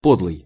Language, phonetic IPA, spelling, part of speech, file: Russian, [ˈpodɫɨj], подлый, adjective, Ru-подлый.ogg
- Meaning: mean, low, dishonest, foul, dirty, bad